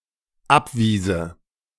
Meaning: first/third-person singular dependent subjunctive II of abweisen
- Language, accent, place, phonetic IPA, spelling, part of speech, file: German, Germany, Berlin, [ˈapˌviːzə], abwiese, verb, De-abwiese.ogg